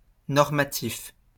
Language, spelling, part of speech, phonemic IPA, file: French, normatif, adjective, /nɔʁ.ma.tif/, LL-Q150 (fra)-normatif.wav
- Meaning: normative